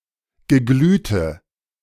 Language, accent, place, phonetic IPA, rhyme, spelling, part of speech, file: German, Germany, Berlin, [ɡəˈɡlyːtə], -yːtə, geglühte, adjective, De-geglühte.ogg
- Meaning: inflection of geglüht: 1. strong/mixed nominative/accusative feminine singular 2. strong nominative/accusative plural 3. weak nominative all-gender singular 4. weak accusative feminine/neuter singular